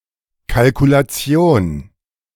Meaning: 1. calculation 2. costing
- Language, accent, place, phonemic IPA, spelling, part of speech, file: German, Germany, Berlin, /kalkulaˈtsjoːn/, Kalkulation, noun, De-Kalkulation.ogg